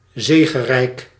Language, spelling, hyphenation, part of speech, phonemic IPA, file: Dutch, zegerijk, ze‧ge‧rijk, adjective, /ˈzeː.ɣəˌrɛi̯k/, Nl-zegerijk.ogg
- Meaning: victorious, triumphant